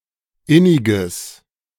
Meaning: strong/mixed nominative/accusative neuter singular of innig
- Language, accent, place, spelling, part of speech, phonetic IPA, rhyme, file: German, Germany, Berlin, inniges, adjective, [ˈɪnɪɡəs], -ɪnɪɡəs, De-inniges.ogg